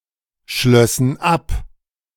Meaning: first/third-person plural subjunctive II of abschließen
- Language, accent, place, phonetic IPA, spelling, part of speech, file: German, Germany, Berlin, [ˌʃlœsn̩ ˈap], schlössen ab, verb, De-schlössen ab.ogg